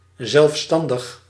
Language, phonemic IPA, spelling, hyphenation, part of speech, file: Dutch, /ˌzɛlfˈstɑn.dəx/, zelfstandig, zelf‧stan‧dig, adjective, Nl-zelfstandig.ogg
- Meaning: 1. independent, autonomous, sovereign 2. self-employed 3. self-reliant, self-supporting